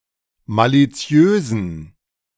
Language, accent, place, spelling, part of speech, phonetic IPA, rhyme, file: German, Germany, Berlin, maliziösen, adjective, [ˌmaliˈt͡si̯øːzn̩], -øːzn̩, De-maliziösen.ogg
- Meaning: inflection of maliziös: 1. strong genitive masculine/neuter singular 2. weak/mixed genitive/dative all-gender singular 3. strong/weak/mixed accusative masculine singular 4. strong dative plural